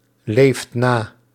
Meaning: inflection of naleven: 1. second/third-person singular present indicative 2. plural imperative
- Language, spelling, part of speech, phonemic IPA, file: Dutch, leeft na, verb, /ˈleft ˈna/, Nl-leeft na.ogg